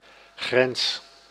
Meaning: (noun) 1. physical, territorial border, frontier 2. boundary, limit, threshold; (verb) inflection of grenzen: 1. first-person singular present indicative 2. second-person singular present indicative
- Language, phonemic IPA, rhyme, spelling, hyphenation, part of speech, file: Dutch, /ɣrɛns/, -ɛns, grens, grens, noun / verb, Nl-grens.ogg